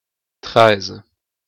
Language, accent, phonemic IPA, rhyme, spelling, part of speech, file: French, Quebec, /tʁɛz/, -ɛz, treize, numeral, Qc-treize.oga
- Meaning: thirteen